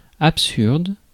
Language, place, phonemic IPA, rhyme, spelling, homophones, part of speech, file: French, Paris, /ap.syʁd/, -yʁd, absurde, absurdes, adjective, Fr-absurde.ogg
- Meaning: absurd (contrary to reason or propriety)